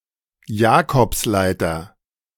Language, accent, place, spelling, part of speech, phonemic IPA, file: German, Germany, Berlin, Jakobsleiter, noun, /ˈjaːkɔpsˌlaɪ̯tɐ/, De-Jakobsleiter.ogg
- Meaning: Jacob's ladder